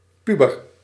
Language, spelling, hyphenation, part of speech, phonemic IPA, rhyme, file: Dutch, puber, pu‧ber, noun / verb, /ˈpy.bər/, -ybər, Nl-puber.ogg
- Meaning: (noun) a pubescent child; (verb) inflection of puberen: 1. first-person singular present indicative 2. second-person singular present indicative 3. imperative